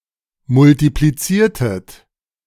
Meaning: inflection of multiplizieren: 1. second-person plural preterite 2. second-person plural subjunctive II
- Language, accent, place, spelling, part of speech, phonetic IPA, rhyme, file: German, Germany, Berlin, multipliziertet, verb, [mʊltipliˈt͡siːɐ̯tət], -iːɐ̯tət, De-multipliziertet.ogg